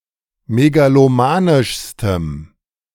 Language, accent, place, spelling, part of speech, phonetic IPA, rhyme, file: German, Germany, Berlin, megalomanischstem, adjective, [meɡaloˈmaːnɪʃstəm], -aːnɪʃstəm, De-megalomanischstem.ogg
- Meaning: strong dative masculine/neuter singular superlative degree of megalomanisch